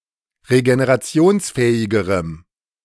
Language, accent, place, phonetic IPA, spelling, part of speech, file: German, Germany, Berlin, [ʁeɡeneʁaˈt͡si̯oːnsˌfɛːɪɡəʁəm], regenerationsfähigerem, adjective, De-regenerationsfähigerem.ogg
- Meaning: strong dative masculine/neuter singular comparative degree of regenerationsfähig